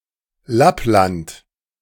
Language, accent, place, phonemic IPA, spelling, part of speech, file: German, Germany, Berlin, /ˈlaplant/, Lappland, proper noun, De-Lappland.ogg
- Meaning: Lapland (region in northern Norway, Sweden and Finland along with the Kola Peninsula in Russia, traditionally inhabited by the Sami people)